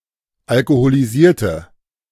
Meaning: inflection of alkoholisiert: 1. strong/mixed nominative/accusative feminine singular 2. strong nominative/accusative plural 3. weak nominative all-gender singular
- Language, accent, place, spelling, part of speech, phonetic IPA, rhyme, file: German, Germany, Berlin, alkoholisierte, adjective / verb, [alkoholiˈziːɐ̯tə], -iːɐ̯tə, De-alkoholisierte.ogg